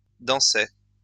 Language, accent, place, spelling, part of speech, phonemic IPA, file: French, France, Lyon, dansai, verb, /dɑ̃.se/, LL-Q150 (fra)-dansai.wav
- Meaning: first-person singular past historic of danser